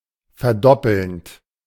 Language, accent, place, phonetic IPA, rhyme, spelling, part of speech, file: German, Germany, Berlin, [fɛɐ̯ˈdɔpl̩nt], -ɔpl̩nt, verdoppelnd, verb, De-verdoppelnd.ogg
- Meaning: present participle of verdoppeln